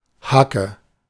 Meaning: 1. heel (of the foot or shoe) 2. hoe
- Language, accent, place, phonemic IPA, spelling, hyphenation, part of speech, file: German, Germany, Berlin, /ˈhakə/, Hacke, Ha‧cke, noun, De-Hacke.ogg